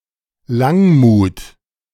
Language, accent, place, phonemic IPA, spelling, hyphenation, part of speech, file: German, Germany, Berlin, /ˈlaŋˌmuːt/, Langmut, Lang‧mut, noun, De-Langmut.ogg
- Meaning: forbearance, longanimity